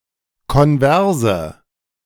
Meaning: inflection of konvers: 1. strong/mixed nominative/accusative feminine singular 2. strong nominative/accusative plural 3. weak nominative all-gender singular 4. weak accusative feminine/neuter singular
- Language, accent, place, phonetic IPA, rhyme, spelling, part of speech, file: German, Germany, Berlin, [kɔnˈvɛʁzə], -ɛʁzə, konverse, adjective, De-konverse.ogg